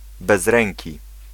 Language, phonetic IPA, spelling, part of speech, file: Polish, [bɛzˈrɛ̃ŋʲci], bezręki, adjective, Pl-bezręki.ogg